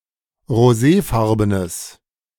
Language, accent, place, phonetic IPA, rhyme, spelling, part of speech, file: German, Germany, Berlin, [ʁoˈzeːˌfaʁbənəs], -eːfaʁbənəs, roséfarbenes, adjective, De-roséfarbenes.ogg
- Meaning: strong/mixed nominative/accusative neuter singular of roséfarben